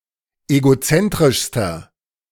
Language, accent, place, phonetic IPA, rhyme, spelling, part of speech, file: German, Germany, Berlin, [eɡoˈt͡sɛntʁɪʃstɐ], -ɛntʁɪʃstɐ, egozentrischster, adjective, De-egozentrischster.ogg
- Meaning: inflection of egozentrisch: 1. strong/mixed nominative masculine singular superlative degree 2. strong genitive/dative feminine singular superlative degree 3. strong genitive plural superlative degree